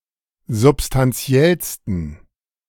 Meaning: 1. superlative degree of substantiell 2. inflection of substantiell: strong genitive masculine/neuter singular superlative degree
- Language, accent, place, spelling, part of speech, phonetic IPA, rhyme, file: German, Germany, Berlin, substantiellsten, adjective, [zʊpstanˈt͡si̯ɛlstn̩], -ɛlstn̩, De-substantiellsten.ogg